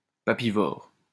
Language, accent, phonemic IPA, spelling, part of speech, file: French, France, /pa.pi.vɔʁ/, papivore, noun, LL-Q150 (fra)-papivore.wav
- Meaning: bookworm